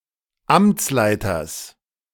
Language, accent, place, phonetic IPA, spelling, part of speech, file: German, Germany, Berlin, [ˈamt͡sˌlaɪ̯tɐs], Amtsleiters, noun, De-Amtsleiters.ogg
- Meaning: genitive singular of Amtsleiter